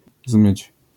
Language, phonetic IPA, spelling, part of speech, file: Polish, [zmɨt͡ɕ], zmyć, verb, LL-Q809 (pol)-zmyć.wav